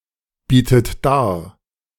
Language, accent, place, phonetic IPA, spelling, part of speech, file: German, Germany, Berlin, [ˌbiːtət ˈdaːɐ̯], bietet dar, verb, De-bietet dar.ogg
- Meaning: inflection of darbieten: 1. third-person singular present 2. second-person plural present 3. second-person plural subjunctive I 4. plural imperative